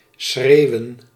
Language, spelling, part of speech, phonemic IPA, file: Dutch, schreeuwen, verb / noun, /ˈsxreːu̯ə(n)/, Nl-schreeuwen.ogg
- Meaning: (verb) 1. to yell; to bellow; to shout; to talk loudly 2. to scream; to shriek 3. of a colour or design: to be extremely conspicuous; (noun) plural of schreeuw